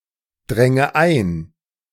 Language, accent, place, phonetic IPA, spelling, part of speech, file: German, Germany, Berlin, [ˌdʁɛŋə ˈaɪ̯n], dränge ein, verb, De-dränge ein.ogg
- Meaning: first/third-person singular subjunctive II of eindringen